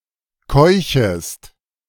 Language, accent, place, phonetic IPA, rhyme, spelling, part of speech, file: German, Germany, Berlin, [ˈkɔɪ̯çəst], -ɔɪ̯çəst, keuchest, verb, De-keuchest.ogg
- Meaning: second-person singular subjunctive I of keuchen